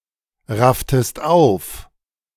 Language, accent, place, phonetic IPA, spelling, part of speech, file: German, Germany, Berlin, [ˌʁaftəst ˈaʊ̯f], rafftest auf, verb, De-rafftest auf.ogg
- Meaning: inflection of aufraffen: 1. second-person singular preterite 2. second-person singular subjunctive II